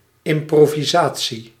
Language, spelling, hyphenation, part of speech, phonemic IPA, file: Dutch, improvisatie, im‧pro‧vi‧sa‧tie, noun, /ɪm.proː.viˈzaː.(t)si/, Nl-improvisatie.ogg
- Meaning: improvisation